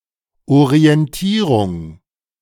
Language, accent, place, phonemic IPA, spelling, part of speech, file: German, Germany, Berlin, /oʁiɛnˈtiːʁʊŋ/, Orientierung, noun, De-Orientierung.ogg
- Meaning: orientation